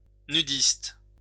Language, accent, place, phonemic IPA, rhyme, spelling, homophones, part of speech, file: French, France, Lyon, /ny.dist/, -ist, nudiste, nudistes, adjective / noun, LL-Q150 (fra)-nudiste.wav
- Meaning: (adjective) nudist